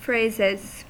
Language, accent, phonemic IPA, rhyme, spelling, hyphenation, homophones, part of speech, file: English, US, /ˈfɹeɪzɪz/, -eɪzɪz, phrases, phrases, fraises, noun / verb, En-us-phrases.ogg
- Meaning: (noun) plural of phrase; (verb) third-person singular simple present indicative of phrase